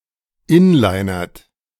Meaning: inflection of inlinern: 1. second-person plural present 2. third-person singular present 3. plural imperative
- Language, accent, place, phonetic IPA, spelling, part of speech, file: German, Germany, Berlin, [ˈɪnlaɪ̯nɐt], inlinert, verb, De-inlinert.ogg